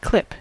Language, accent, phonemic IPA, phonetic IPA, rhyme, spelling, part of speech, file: English, US, /klɪp/, [kʰl̥ɪp], -ɪp, clip, verb / noun, En-us-clip.ogg
- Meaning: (verb) 1. To grip tightly 2. To fasten with a clip 3. To hug, embrace 4. To collect signatures, generally with the use of a clipboard